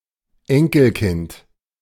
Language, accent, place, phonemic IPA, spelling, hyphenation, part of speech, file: German, Germany, Berlin, /ˈɛŋkl̩ˌkɪnt/, Enkelkind, En‧kel‧kind, noun, De-Enkelkind.ogg
- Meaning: grandchild